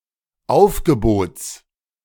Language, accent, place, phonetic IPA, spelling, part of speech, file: German, Germany, Berlin, [ˈaʊ̯fɡəˌboːt͡s], Aufgebots, noun, De-Aufgebots.ogg
- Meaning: genitive singular of Aufgebot